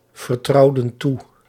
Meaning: inflection of toevertrouwen: 1. plural past indicative 2. plural past subjunctive
- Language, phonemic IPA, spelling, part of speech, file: Dutch, /vərˈtrɑudə(n) ˈtu/, vertrouwden toe, verb, Nl-vertrouwden toe.ogg